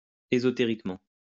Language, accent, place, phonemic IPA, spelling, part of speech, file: French, France, Lyon, /e.zɔ.te.ʁik.mɑ̃/, ésotériquement, adverb, LL-Q150 (fra)-ésotériquement.wav
- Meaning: esoterically